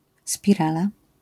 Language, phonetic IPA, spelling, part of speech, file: Polish, [spʲiˈrala], spirala, noun, LL-Q809 (pol)-spirala.wav